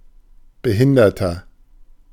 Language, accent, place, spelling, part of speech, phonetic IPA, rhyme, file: German, Germany, Berlin, behinderter, adjective, [bəˈhɪndɐtɐ], -ɪndɐtɐ, De-behinderter.ogg
- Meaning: inflection of behindert: 1. strong/mixed nominative masculine singular 2. strong genitive/dative feminine singular 3. strong genitive plural